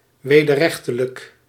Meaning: illegal, against the law
- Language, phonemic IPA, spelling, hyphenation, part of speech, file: Dutch, /ˌʋeː.dərˈrɛx.tə.lək/, wederrechtelijk, we‧der‧rech‧te‧lijk, adjective, Nl-wederrechtelijk.ogg